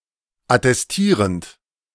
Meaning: present participle of attestieren
- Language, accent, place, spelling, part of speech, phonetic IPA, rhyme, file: German, Germany, Berlin, attestierend, verb, [atɛsˈtiːʁənt], -iːʁənt, De-attestierend.ogg